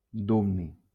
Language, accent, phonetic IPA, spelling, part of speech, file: Catalan, Valencia, [ˈdub.ni], dubni, noun, LL-Q7026 (cat)-dubni.wav
- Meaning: dubnium